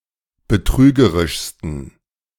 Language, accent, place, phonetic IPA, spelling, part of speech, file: German, Germany, Berlin, [bəˈtʁyːɡəʁɪʃstn̩], betrügerischsten, adjective, De-betrügerischsten.ogg
- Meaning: 1. superlative degree of betrügerisch 2. inflection of betrügerisch: strong genitive masculine/neuter singular superlative degree